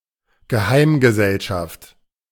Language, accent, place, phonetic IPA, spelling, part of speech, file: German, Germany, Berlin, [ɡəˈhaɪ̯mɡəzɛlʃaft], Geheimgesellschaft, noun, De-Geheimgesellschaft.ogg
- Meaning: secret society